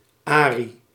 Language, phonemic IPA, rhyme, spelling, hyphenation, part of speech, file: Dutch, /ˈaː.ri/, -aːri, Arie, Arie, proper noun, Nl-Arie.ogg
- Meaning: a male given name